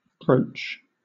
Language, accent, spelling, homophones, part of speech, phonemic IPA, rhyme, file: English, Southern England, broach, brooch, noun / verb, /bɹəʊtʃ/, -əʊtʃ, LL-Q1860 (eng)-broach.wav
- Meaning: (noun) 1. A series of chisel points mounted on one piece of steel. For example, the toothed stone chisel shown here 2. A broad chisel for stone-cutting 3. Alternative spelling of brooch